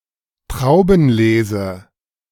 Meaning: 1. grape harvest 2. vintage (yield of grapes during one season)
- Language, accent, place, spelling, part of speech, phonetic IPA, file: German, Germany, Berlin, Traubenlese, noun, [ˈtʁaʊ̯bn̩ˌleːzə], De-Traubenlese.ogg